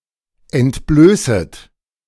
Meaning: second-person plural subjunctive I of entblößen
- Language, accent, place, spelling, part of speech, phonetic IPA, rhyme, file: German, Germany, Berlin, entblößet, verb, [ɛntˈbløːsət], -øːsət, De-entblößet.ogg